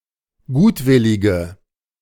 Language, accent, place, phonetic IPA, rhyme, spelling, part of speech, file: German, Germany, Berlin, [ˈɡuːtˌvɪlɪɡə], -uːtvɪlɪɡə, gutwillige, adjective, De-gutwillige.ogg
- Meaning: inflection of gutwillig: 1. strong/mixed nominative/accusative feminine singular 2. strong nominative/accusative plural 3. weak nominative all-gender singular